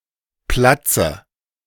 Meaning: inflection of platzen: 1. first-person singular present 2. first/third-person singular subjunctive I 3. singular imperative
- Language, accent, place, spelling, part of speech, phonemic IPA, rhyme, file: German, Germany, Berlin, platze, verb, /ˈplatsə/, -atsə, De-platze.ogg